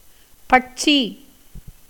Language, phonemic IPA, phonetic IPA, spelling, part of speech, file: Tamil, /pɐʈtʃiː/, [pɐʈsiː], பட்சி, noun / verb, Ta-பட்சி.ogg
- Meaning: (noun) bird, winged creature; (verb) to devour, consume, eat away